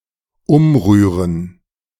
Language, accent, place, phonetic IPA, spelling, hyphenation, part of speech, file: German, Germany, Berlin, [ˈʊmˌʁyːʁən], umrühren, um‧rüh‧ren, verb, De-umrühren.ogg
- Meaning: to stir, to stir up